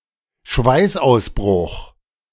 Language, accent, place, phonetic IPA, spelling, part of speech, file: German, Germany, Berlin, [ˈʃvaɪ̯sʔaʊ̯sˌbʁʊx], Schweißausbruch, noun, De-Schweißausbruch.ogg
- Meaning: sweating fit, (profuse) perspiration